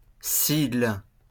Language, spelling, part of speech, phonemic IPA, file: French, sigle, noun, /siɡl/, LL-Q150 (fra)-sigle.wav
- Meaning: 1. abbreviation 2. acronym or initialism